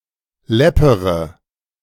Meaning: inflection of läppern: 1. first-person singular present 2. first-person plural subjunctive I 3. third-person singular subjunctive I 4. singular imperative
- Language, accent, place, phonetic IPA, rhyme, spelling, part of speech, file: German, Germany, Berlin, [ˈlɛpəʁə], -ɛpəʁə, läppere, verb, De-läppere.ogg